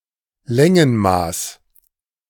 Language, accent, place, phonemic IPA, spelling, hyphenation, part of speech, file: German, Germany, Berlin, /ˈlɛŋənˌmaːs/, Längenmaß, Län‧gen‧maß, noun, De-Längenmaß.ogg
- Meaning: unit of length